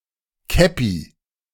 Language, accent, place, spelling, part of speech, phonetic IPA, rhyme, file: German, Germany, Berlin, Käppi, noun, [ˈkɛpi], -ɛpi, De-Käppi.ogg
- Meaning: 1. kepi 2. cap (head covering)